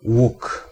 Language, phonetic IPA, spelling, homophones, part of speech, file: Polish, [wuk], łuk, ług, noun, Pl-łuk.ogg